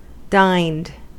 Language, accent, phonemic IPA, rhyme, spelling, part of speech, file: English, US, /daɪnd/, -aɪnd, dined, verb, En-us-dined.ogg
- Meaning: simple past and past participle of dine